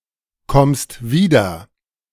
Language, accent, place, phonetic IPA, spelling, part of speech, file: German, Germany, Berlin, [ˌkɔmst ˈviːdɐ], kommst wieder, verb, De-kommst wieder.ogg
- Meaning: second-person singular present of wiederkommen